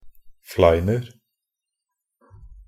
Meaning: 1. indefinite plural of flein (=a layer of hard ice crust on the ground) 2. indefinite plural of flein (=an arrow with a barb)
- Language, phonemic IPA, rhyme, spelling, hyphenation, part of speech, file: Norwegian Bokmål, /ˈflæɪnər/, -ər, fleiner, flein‧er, noun, Nb-fleiner.ogg